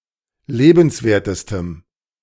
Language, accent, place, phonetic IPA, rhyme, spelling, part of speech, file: German, Germany, Berlin, [ˈleːbn̩sˌveːɐ̯təstəm], -eːbn̩sveːɐ̯təstəm, lebenswertestem, adjective, De-lebenswertestem.ogg
- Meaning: strong dative masculine/neuter singular superlative degree of lebenswert